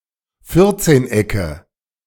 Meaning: nominative/accusative/genitive plural of Vierzehneck
- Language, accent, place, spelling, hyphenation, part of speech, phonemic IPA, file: German, Germany, Berlin, Vierzehnecke, Vier‧zehn‧ecke, noun, /ˈfɪʁtseːnˌ.ɛkə/, De-Vierzehnecke.ogg